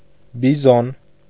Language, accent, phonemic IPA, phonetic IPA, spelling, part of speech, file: Armenian, Eastern Armenian, /biˈzon/, [bizón], բիզոն, noun, Hy-բիզոն.ogg
- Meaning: bison, American buffalo